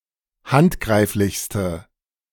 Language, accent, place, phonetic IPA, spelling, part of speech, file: German, Germany, Berlin, [ˈhantˌɡʁaɪ̯flɪçstə], handgreiflichste, adjective, De-handgreiflichste.ogg
- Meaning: inflection of handgreiflich: 1. strong/mixed nominative/accusative feminine singular superlative degree 2. strong nominative/accusative plural superlative degree